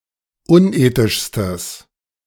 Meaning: strong/mixed nominative/accusative neuter singular superlative degree of unethisch
- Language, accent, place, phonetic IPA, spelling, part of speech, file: German, Germany, Berlin, [ˈʊnˌʔeːtɪʃstəs], unethischstes, adjective, De-unethischstes.ogg